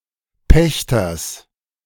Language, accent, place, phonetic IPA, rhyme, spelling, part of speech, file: German, Germany, Berlin, [ˈpɛçtɐs], -ɛçtɐs, Pächters, noun, De-Pächters.ogg
- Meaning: genitive singular of Pächter